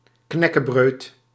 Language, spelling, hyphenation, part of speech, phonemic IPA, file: Dutch, knäckebröd, knäc‧ke‧bröd, noun, /ˈknɛ.kəˌbrøːt/, Nl-knäckebröd.ogg
- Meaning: crispbread, knäckebröd